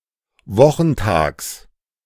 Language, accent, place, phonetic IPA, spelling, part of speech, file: German, Germany, Berlin, [ˈvɔxn̩ˌtaːks], Wochentags, noun, De-Wochentags.ogg
- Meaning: genitive of Wochentag